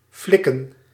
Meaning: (verb) to do, to pull off; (noun) plural of flik
- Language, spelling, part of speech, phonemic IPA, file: Dutch, flikken, verb / noun, /ˈflɪkə(n)/, Nl-flikken.ogg